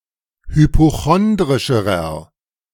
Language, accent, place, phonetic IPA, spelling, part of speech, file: German, Germany, Berlin, [hypoˈxɔndʁɪʃəʁɐ], hypochondrischerer, adjective, De-hypochondrischerer.ogg
- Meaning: inflection of hypochondrisch: 1. strong/mixed nominative masculine singular comparative degree 2. strong genitive/dative feminine singular comparative degree